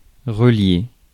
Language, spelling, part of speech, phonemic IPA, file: French, relier, verb, /ʁə.lje/, Fr-relier.ogg
- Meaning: 1. to connect, link, join, relate to 2. to bind (as a book) 3. to hoop together (as a barrel)